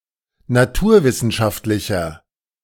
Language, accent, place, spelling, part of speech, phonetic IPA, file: German, Germany, Berlin, naturwissenschaftlicher, adjective, [naˈtuːɐ̯ˌvɪsn̩ʃaftlɪçɐ], De-naturwissenschaftlicher.ogg
- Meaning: inflection of naturwissenschaftlich: 1. strong/mixed nominative masculine singular 2. strong genitive/dative feminine singular 3. strong genitive plural